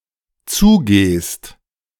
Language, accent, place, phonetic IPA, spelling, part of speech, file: German, Germany, Berlin, [ˈt͡suːˌɡeːst], zugehst, verb, De-zugehst.ogg
- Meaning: second-person singular dependent present of zugehen